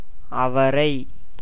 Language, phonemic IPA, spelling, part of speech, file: Tamil, /ɐʋɐɾɐɪ̯/, அவரை, noun, Ta-அவரை.ogg
- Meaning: 1. lablab, hyacinth beans 2. accusative singular of அவர் (avar)